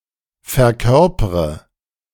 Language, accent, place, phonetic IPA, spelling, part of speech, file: German, Germany, Berlin, [fɛɐ̯ˈkœʁpʁə], verkörpre, verb, De-verkörpre.ogg
- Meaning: inflection of verkörpern: 1. first-person singular present 2. first/third-person singular subjunctive I 3. singular imperative